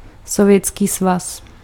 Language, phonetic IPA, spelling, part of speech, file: Czech, [sovjɛtskiː svas], Sovětský svaz, proper noun, Cs-Sovětský svaz.ogg
- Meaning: Soviet Union (a former transcontinental country in Europe and Asia (1922–1991), now split into Russia and fourteen other countries)